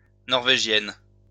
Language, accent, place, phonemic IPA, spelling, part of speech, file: French, France, Lyon, /nɔʁ.ve.ʒjɛn/, norvégienne, adjective, LL-Q150 (fra)-norvégienne.wav
- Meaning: feminine singular of norvégien